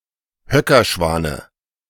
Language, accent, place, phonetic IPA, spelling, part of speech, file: German, Germany, Berlin, [ˈhœkɐˌʃvaːnə], Höckerschwane, noun, De-Höckerschwane.ogg
- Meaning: dative singular of Höckerschwan